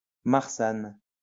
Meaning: a variety of white grape used to make ermitage wine
- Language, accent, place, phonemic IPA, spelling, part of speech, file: French, France, Lyon, /maʁ.san/, marsanne, noun, LL-Q150 (fra)-marsanne.wav